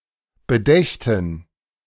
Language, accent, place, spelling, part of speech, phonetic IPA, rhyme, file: German, Germany, Berlin, bedächten, verb, [bəˈdɛçtn̩], -ɛçtn̩, De-bedächten.ogg
- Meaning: first/third-person plural subjunctive II of bedenken